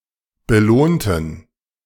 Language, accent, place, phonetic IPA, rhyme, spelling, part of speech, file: German, Germany, Berlin, [bəˈloːntn̩], -oːntn̩, belohnten, adjective / verb, De-belohnten.ogg
- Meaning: inflection of belohnen: 1. first/third-person plural preterite 2. first/third-person plural subjunctive II